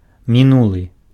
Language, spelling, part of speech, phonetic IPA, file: Belarusian, мінулы, adjective, [mʲiˈnuɫɨ], Be-мінулы.ogg
- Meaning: 1. previous 2. past